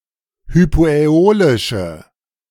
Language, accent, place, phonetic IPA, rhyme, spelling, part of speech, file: German, Germany, Berlin, [hypoʔɛˈoːlɪʃə], -oːlɪʃə, hypoäolische, adjective, De-hypoäolische.ogg
- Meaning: inflection of hypoäolisch: 1. strong/mixed nominative/accusative feminine singular 2. strong nominative/accusative plural 3. weak nominative all-gender singular